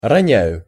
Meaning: first-person singular present indicative imperfective of роня́ть (ronjátʹ)
- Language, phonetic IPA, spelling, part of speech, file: Russian, [rɐˈnʲæjʊ], роняю, verb, Ru-роняю.ogg